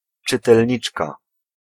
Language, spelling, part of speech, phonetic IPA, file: Polish, czytelniczka, noun, [ˌt͡ʃɨtɛlʲˈɲit͡ʃka], Pl-czytelniczka.ogg